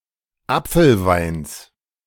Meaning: genitive singular of Apfelwein
- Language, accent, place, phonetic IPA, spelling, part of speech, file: German, Germany, Berlin, [ˈap͡fl̩ˌvaɪ̯ns], Apfelweins, noun, De-Apfelweins.ogg